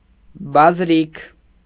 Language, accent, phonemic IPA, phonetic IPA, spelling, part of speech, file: Armenian, Eastern Armenian, /bɑzˈɾikʰ/, [bɑzɾíkʰ], բազրիք, noun, Hy-բազրիք.ogg
- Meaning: railing, handrail